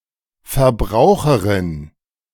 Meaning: female equivalent of Verbraucher (“consumer”)
- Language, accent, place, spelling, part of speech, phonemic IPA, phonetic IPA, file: German, Germany, Berlin, Verbraucherin, noun, /fɛʁˈbʁaʊ̯χəʁɪn/, [fɛʁˈbʁaʊ̯χɐʁɪn], De-Verbraucherin.ogg